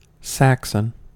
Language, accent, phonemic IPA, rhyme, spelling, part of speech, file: English, US, /ˈsæksən/, -æksən, Saxon, noun / proper noun / adjective, En-us-Saxon.ogg
- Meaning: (noun) 1. A member of an ancient West Germanic tribe that lived at the eastern North Sea coast and south of it 2. A native or inhabitant of Saxony, Germany 3. An English/British person